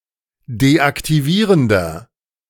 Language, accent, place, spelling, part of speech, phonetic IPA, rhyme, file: German, Germany, Berlin, deaktivierender, adjective, [deʔaktiˈviːʁəndɐ], -iːʁəndɐ, De-deaktivierender.ogg
- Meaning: inflection of deaktivierend: 1. strong/mixed nominative masculine singular 2. strong genitive/dative feminine singular 3. strong genitive plural